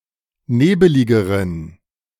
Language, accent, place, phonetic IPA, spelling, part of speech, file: German, Germany, Berlin, [ˈneːbəlɪɡəʁən], nebeligeren, adjective, De-nebeligeren.ogg
- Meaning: inflection of nebelig: 1. strong genitive masculine/neuter singular comparative degree 2. weak/mixed genitive/dative all-gender singular comparative degree